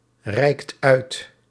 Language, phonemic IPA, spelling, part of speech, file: Dutch, /ˈrɛikt ˈœyt/, reikt uit, verb, Nl-reikt uit.ogg
- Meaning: inflection of uitreiken: 1. second/third-person singular present indicative 2. plural imperative